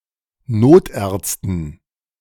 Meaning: dative plural of Notarzt
- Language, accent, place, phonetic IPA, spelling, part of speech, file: German, Germany, Berlin, [ˈnoːtˌʔɛʁt͡stn̩], Notärzten, noun, De-Notärzten.ogg